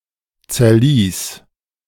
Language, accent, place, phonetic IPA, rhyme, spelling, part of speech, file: German, Germany, Berlin, [t͡sɛɐ̯ˈliːs], -iːs, zerlies, verb, De-zerlies.ogg
- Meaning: singular imperative of zerlesen